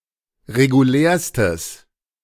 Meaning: strong/mixed nominative/accusative neuter singular superlative degree of regulär
- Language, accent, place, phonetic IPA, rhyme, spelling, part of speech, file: German, Germany, Berlin, [ʁeɡuˈlɛːɐ̯stəs], -ɛːɐ̯stəs, regulärstes, adjective, De-regulärstes.ogg